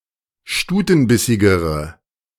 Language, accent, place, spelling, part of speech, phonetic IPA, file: German, Germany, Berlin, stutenbissigere, adjective, [ˈʃtuːtn̩ˌbɪsɪɡəʁə], De-stutenbissigere.ogg
- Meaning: inflection of stutenbissig: 1. strong/mixed nominative/accusative feminine singular comparative degree 2. strong nominative/accusative plural comparative degree